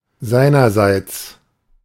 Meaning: from him; on his behalf; as for him
- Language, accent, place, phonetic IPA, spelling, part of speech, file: German, Germany, Berlin, [ˈzaɪ̯nɐˌzaɪ̯t͡s], seinerseits, adverb, De-seinerseits.ogg